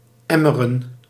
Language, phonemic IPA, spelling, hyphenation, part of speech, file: Dutch, /ˈɛ.mə.rə(n)/, emmeren, em‧me‧ren, verb, Nl-emmeren.ogg
- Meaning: to whine, to complain